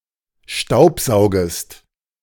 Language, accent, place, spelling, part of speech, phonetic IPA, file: German, Germany, Berlin, staubsaugest, verb, [ˈʃtaʊ̯pˌzaʊ̯ɡəst], De-staubsaugest.ogg
- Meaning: second-person singular subjunctive I of staubsaugen